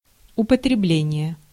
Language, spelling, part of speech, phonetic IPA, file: Russian, употребление, noun, [ʊpətrʲɪˈblʲenʲɪje], Ru-употребление.ogg
- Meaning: use, usage, application